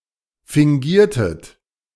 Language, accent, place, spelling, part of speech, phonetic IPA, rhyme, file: German, Germany, Berlin, fingiertet, verb, [fɪŋˈɡiːɐ̯tət], -iːɐ̯tət, De-fingiertet.ogg
- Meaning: inflection of fingieren: 1. second-person plural preterite 2. second-person plural subjunctive II